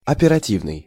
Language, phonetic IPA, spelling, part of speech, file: Russian, [ɐpʲɪrɐˈtʲivnɨj], оперативный, adjective, Ru-оперативный.ogg
- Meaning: 1. efficient, prompt, quick 2. operative, surgical 3. strategical, operation(s), operational 4. operation(s) 5. operational